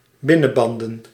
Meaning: plural of binnenband
- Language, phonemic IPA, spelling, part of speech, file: Dutch, /ˈbɪnənˌbɑndə(n)/, binnenbanden, noun, Nl-binnenbanden.ogg